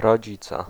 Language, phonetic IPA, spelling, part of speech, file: Polish, [rɔˈd͡ʑit͡sɛ], rodzice, noun, Pl-rodzice.ogg